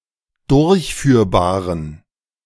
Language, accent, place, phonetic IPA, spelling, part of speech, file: German, Germany, Berlin, [ˈdʊʁçˌfyːɐ̯baːʁən], durchführbaren, adjective, De-durchführbaren.ogg
- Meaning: inflection of durchführbar: 1. strong genitive masculine/neuter singular 2. weak/mixed genitive/dative all-gender singular 3. strong/weak/mixed accusative masculine singular 4. strong dative plural